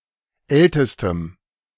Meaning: strong dative masculine/neuter singular superlative degree of alt
- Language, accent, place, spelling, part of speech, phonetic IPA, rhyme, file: German, Germany, Berlin, ältestem, adjective, [ˈɛltəstəm], -ɛltəstəm, De-ältestem.ogg